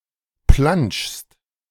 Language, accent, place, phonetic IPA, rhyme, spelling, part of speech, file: German, Germany, Berlin, [plant͡ʃst], -ant͡ʃst, plantschst, verb, De-plantschst.ogg
- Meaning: second-person singular present of plantschen